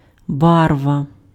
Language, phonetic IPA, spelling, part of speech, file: Ukrainian, [ˈbarʋɐ], барва, noun, Uk-барва.ogg
- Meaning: color, colour